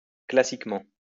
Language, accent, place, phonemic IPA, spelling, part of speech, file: French, France, Lyon, /kla.sik.mɑ̃/, classiquement, adverb, LL-Q150 (fra)-classiquement.wav
- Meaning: classically